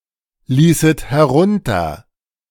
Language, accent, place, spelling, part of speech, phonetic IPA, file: German, Germany, Berlin, ließet herunter, verb, [ˌliːsət hɛˈʁʊntɐ], De-ließet herunter.ogg
- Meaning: second-person plural subjunctive II of herunterlassen